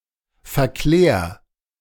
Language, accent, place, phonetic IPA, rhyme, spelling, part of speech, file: German, Germany, Berlin, [fɛɐ̯ˈklɛːɐ̯], -ɛːɐ̯, verklär, verb, De-verklär.ogg
- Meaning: 1. singular imperative of verklären 2. first-person singular present of verklären